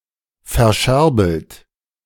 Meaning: 1. past participle of verscherbeln 2. inflection of verscherbeln: third-person singular present 3. inflection of verscherbeln: second-person plural present
- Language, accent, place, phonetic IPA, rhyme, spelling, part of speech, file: German, Germany, Berlin, [fɛɐ̯ˈʃɛʁbl̩t], -ɛʁbl̩t, verscherbelt, verb, De-verscherbelt.ogg